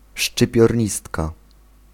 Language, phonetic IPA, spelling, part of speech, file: Polish, [ˌʃt͡ʃɨpʲjɔrʲˈɲistka], szczypiornistka, noun, Pl-szczypiornistka.ogg